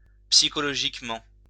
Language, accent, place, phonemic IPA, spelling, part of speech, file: French, France, Lyon, /psi.kɔ.lɔ.ʒik.mɑ̃/, psychologiquement, adverb, LL-Q150 (fra)-psychologiquement.wav
- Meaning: psychologically